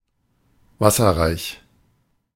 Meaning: watery (water-rich)
- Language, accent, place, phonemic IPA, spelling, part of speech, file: German, Germany, Berlin, /ˈvasɐʁaɪ̯ç/, wasserreich, adjective, De-wasserreich.ogg